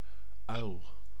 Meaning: 1. owl, bird of the order Strigiformes 2. noctuoid, owl moth, owlet 3. butterfly (generic term) 4. idiot 5. male heterosexual
- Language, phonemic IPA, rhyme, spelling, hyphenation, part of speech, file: Dutch, /œy̯l/, -œy̯l, uil, uil, noun, Nl-uil.ogg